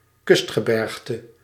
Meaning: coastal mountain range
- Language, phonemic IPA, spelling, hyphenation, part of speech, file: Dutch, /ˈkʏst.xəˌbɛrx.tə/, kustgebergte, kust‧ge‧berg‧te, noun, Nl-kustgebergte.ogg